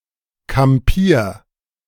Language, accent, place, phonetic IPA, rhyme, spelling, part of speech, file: German, Germany, Berlin, [kamˈpiːɐ̯], -iːɐ̯, kampier, verb, De-kampier.ogg
- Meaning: 1. singular imperative of kampieren 2. first-person singular present of kampieren